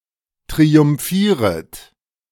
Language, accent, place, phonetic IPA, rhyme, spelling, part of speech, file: German, Germany, Berlin, [tʁiʊmˈfiːʁət], -iːʁət, triumphieret, verb, De-triumphieret.ogg
- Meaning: second-person plural subjunctive I of triumphieren